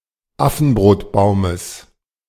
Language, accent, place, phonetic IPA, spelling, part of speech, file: German, Germany, Berlin, [ˈafn̩bʁoːtˌbaʊ̯məs], Affenbrotbaumes, noun, De-Affenbrotbaumes.ogg
- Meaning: genitive singular of Affenbrotbaum